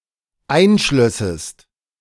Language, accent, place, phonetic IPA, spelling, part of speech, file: German, Germany, Berlin, [ˈaɪ̯nˌʃlœsəst], einschlössest, verb, De-einschlössest.ogg
- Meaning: second-person singular dependent subjunctive II of einschließen